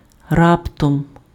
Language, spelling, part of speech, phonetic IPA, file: Ukrainian, раптом, adverb, [ˈraptɔm], Uk-раптом.ogg
- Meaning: suddenly